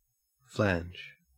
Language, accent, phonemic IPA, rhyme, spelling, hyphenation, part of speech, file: English, Australia, /ˈflænd͡ʒ/, -ændʒ, flange, flange, noun / verb, En-au-flange.ogg
- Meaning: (noun) 1. An external or internal rib or rim, used either to add strength or to hold something in place 2. The projecting edge of a rigid or semi-rigid component